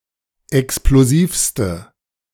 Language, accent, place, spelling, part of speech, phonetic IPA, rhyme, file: German, Germany, Berlin, explosivste, adjective, [ɛksploˈziːfstə], -iːfstə, De-explosivste.ogg
- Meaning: inflection of explosiv: 1. strong/mixed nominative/accusative feminine singular superlative degree 2. strong nominative/accusative plural superlative degree